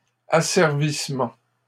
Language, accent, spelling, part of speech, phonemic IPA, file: French, Canada, asservissement, noun, /a.sɛʁ.vis.mɑ̃/, LL-Q150 (fra)-asservissement.wav
- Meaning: 1. enslavement 2. slavery 3. control engineering